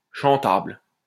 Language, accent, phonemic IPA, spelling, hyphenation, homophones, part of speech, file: French, France, /ʃɑ̃.tabl/, chantable, chan‧table, chantables, adjective, LL-Q150 (fra)-chantable.wav
- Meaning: (singing) singable, cantabile